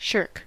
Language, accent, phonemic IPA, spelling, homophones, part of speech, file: English, US, /ʃɝk/, shirk, SSHRC, verb / noun, En-us-shirk.ogg
- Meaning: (verb) 1. To avoid, especially a duty, responsibility, etc.; to stay away from 2. To evade an obligation; to avoid the performance of duty, as by running away